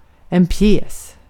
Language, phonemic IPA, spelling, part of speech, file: Swedish, /pjɛːs/, pjäs, noun, Sv-pjäs.ogg
- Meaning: 1. a play, a piece (to be performed at a theater) 2. an (artillery) piece (large weapon, for example a canon or howitzer) 3. a piece, a man (in a board game)